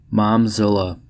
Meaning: A controlling or overinvolved mother
- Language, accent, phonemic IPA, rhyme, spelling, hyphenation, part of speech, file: English, US, /mɑmˈzɪlə/, -ɪlə, momzilla, mom‧zil‧la, noun, En-us-momzilla.ogg